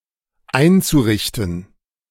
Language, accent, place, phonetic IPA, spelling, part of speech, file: German, Germany, Berlin, [ˈaɪ̯nt͡suˌʁɪçtn̩], einzurichten, verb, De-einzurichten.ogg
- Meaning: zu-infinitive of einrichten